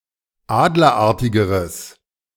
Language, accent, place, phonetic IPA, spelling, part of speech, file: German, Germany, Berlin, [ˈaːdlɐˌʔaʁtɪɡəʁəs], adlerartigeres, adjective, De-adlerartigeres.ogg
- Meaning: strong/mixed nominative/accusative neuter singular comparative degree of adlerartig